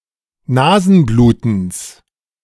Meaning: genitive singular of Nasenbluten
- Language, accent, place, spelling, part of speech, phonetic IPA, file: German, Germany, Berlin, Nasenblutens, noun, [ˈnaːzn̩ˌbluːtn̩s], De-Nasenblutens.ogg